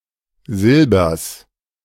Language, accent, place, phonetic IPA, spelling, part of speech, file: German, Germany, Berlin, [ˈzɪlbɐs], Silbers, noun, De-Silbers.ogg
- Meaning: genitive singular of Silber